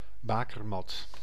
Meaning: 1. cradle 2. place of origin, cradle
- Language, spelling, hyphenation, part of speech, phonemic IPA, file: Dutch, bakermat, ba‧ker‧mat, noun, /ˈbaː.kərˌmɑt/, Nl-bakermat.ogg